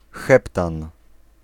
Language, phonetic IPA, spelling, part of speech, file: Polish, [ˈxɛptãn], heptan, noun, Pl-heptan.ogg